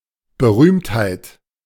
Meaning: 1. fame, celebrity (state of being famous) 2. celebrity, star (famous person)
- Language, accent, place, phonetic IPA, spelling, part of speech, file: German, Germany, Berlin, [bəˈʁyːmthaɪ̯t], Berühmtheit, noun, De-Berühmtheit.ogg